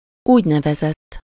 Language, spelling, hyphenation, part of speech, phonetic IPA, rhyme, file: Hungarian, úgynevezett, úgy‧ne‧ve‧zett, adjective, [ˈuːɟnɛvɛzɛtː], -ɛtː, Hu-úgynevezett.ogg
- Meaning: so-called, what is known as… (what is called, in exact terms)